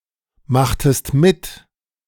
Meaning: inflection of mitmachen: 1. second-person singular preterite 2. second-person singular subjunctive II
- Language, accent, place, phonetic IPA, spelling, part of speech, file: German, Germany, Berlin, [ˌmaxtəst ˈmɪt], machtest mit, verb, De-machtest mit.ogg